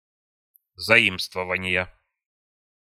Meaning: inflection of заи́мствование (zaímstvovanije): 1. genitive singular 2. nominative/accusative plural
- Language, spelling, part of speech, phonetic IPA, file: Russian, заимствования, noun, [zɐˈimstvəvənʲɪjə], Ru-заимствования.ogg